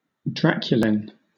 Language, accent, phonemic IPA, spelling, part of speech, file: English, Southern England, /ˈdɹæk.jəl.ɪn/, draculin, noun, LL-Q1860 (eng)-draculin.wav
- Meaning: A glycoprotein with anticoagulant properties, found in the saliva of vampire bats